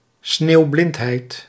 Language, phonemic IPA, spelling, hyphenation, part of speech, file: Dutch, /ˈsneːu̯ˌblɪnt.ɦɛi̯t/, sneeuwblindheid, sneeuw‧blind‧heid, noun, Nl-sneeuwblindheid.ogg
- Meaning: snow blindness